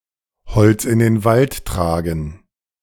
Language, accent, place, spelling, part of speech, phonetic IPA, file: German, Germany, Berlin, Holz in den Wald tragen, phrase, [ˈhɔlt͡s ɪn deːn ˈvalt ˌtʁaːɡn̩], De-Holz in den Wald tragen.ogg
- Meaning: to carry coals to Newcastle; to bring owls to Athens (do something redundant and pointless)